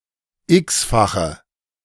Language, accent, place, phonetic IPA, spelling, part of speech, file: German, Germany, Berlin, [ˈɪksfaxə], x-fache, adjective, De-x-fache.ogg
- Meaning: inflection of x-fach: 1. strong/mixed nominative/accusative feminine singular 2. strong nominative/accusative plural 3. weak nominative all-gender singular 4. weak accusative feminine/neuter singular